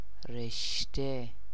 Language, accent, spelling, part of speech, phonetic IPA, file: Persian, Iran, رشته, noun, [ɹeʃ.t̪ʰé], Fa-رشته.ogg
- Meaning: 1. thread, string 2. series, sequence, string 3. field of study; subject 4. tie, bond, thread 5. reshte (Persian-style noodles); (loosely) noodles (in general) 6. mountain range 7. string